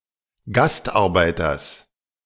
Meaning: genitive singular of Gastarbeiter
- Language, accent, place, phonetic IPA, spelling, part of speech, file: German, Germany, Berlin, [ˈɡastʔaʁˌbaɪ̯tɐs], Gastarbeiters, noun, De-Gastarbeiters.ogg